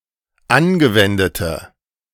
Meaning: inflection of angewendet: 1. strong/mixed nominative/accusative feminine singular 2. strong nominative/accusative plural 3. weak nominative all-gender singular
- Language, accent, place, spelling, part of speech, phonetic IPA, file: German, Germany, Berlin, angewendete, adjective, [ˈanɡəˌvɛndətə], De-angewendete.ogg